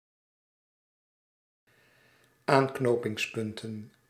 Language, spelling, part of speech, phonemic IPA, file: Dutch, aanknopingspunten, noun, /ˈaŋknopɪŋsˌpʏntə(n)/, Nl-aanknopingspunten.ogg
- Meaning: plural of aanknopingspunt